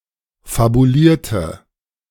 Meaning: inflection of fabuliert: 1. strong/mixed nominative/accusative feminine singular 2. strong nominative/accusative plural 3. weak nominative all-gender singular
- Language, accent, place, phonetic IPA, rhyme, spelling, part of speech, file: German, Germany, Berlin, [fabuˈliːɐ̯tə], -iːɐ̯tə, fabulierte, adjective / verb, De-fabulierte.ogg